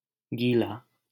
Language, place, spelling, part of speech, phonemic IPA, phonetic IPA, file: Hindi, Delhi, गीला, adjective, /ɡiː.lɑː/, [ɡiː.läː], LL-Q1568 (hin)-गीला.wav
- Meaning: 1. wet 2. moist, damp